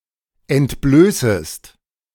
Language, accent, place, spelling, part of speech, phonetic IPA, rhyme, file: German, Germany, Berlin, entblößest, verb, [ɛntˈbløːsəst], -øːsəst, De-entblößest.ogg
- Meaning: second-person singular subjunctive I of entblößen